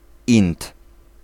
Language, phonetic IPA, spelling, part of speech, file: Polish, [ĩnt], ind, noun, Pl-ind.ogg